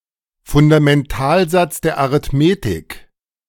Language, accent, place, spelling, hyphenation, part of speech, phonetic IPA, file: German, Germany, Berlin, Fundamentalsatz der Arithmetik, Fun‧da‧men‧tal‧satz der Arith‧me‧tik, noun, [fʊndamɛnˈtaːlzat͡s dɛɐ̯ aʀɪtˈmeːtɪk], De-Fundamentalsatz der Arithmetik.ogg
- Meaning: fundamental theorem of arithmetic